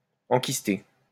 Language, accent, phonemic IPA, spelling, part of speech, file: French, France, /ɑ̃.kis.te/, enkysté, verb, LL-Q150 (fra)-enkysté.wav
- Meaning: past participle of enkyster